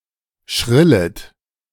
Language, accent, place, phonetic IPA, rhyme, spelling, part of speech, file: German, Germany, Berlin, [ˈʃʁɪlət], -ɪlət, schrillet, verb, De-schrillet.ogg
- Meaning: second-person plural subjunctive I of schrillen